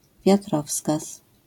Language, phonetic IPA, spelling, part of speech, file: Polish, [vʲjaˈtrɔfskas], wiatrowskaz, noun, LL-Q809 (pol)-wiatrowskaz.wav